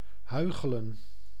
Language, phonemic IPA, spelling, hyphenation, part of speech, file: Dutch, /ˈɦœy̯.xə.lə(n)/, huichelen, hui‧che‧len, verb, Nl-huichelen.ogg
- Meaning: to feign, to pretend, to act hypocritically